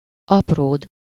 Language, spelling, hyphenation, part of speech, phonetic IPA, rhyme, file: Hungarian, apród, ap‧ród, noun, [ˈɒproːd], -oːd, Hu-apród.ogg
- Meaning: 1. page, page boy 2. second-person singular single-possession possessive of apró